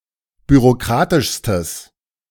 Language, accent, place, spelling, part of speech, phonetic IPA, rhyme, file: German, Germany, Berlin, bürokratischstes, adjective, [byʁoˈkʁaːtɪʃstəs], -aːtɪʃstəs, De-bürokratischstes.ogg
- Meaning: strong/mixed nominative/accusative neuter singular superlative degree of bürokratisch